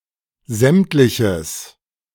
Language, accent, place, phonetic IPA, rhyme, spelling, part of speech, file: German, Germany, Berlin, [ˈzɛmtlɪçəs], -ɛmtlɪçəs, sämtliches, adjective, De-sämtliches.ogg
- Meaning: strong/mixed nominative/accusative neuter singular of sämtlich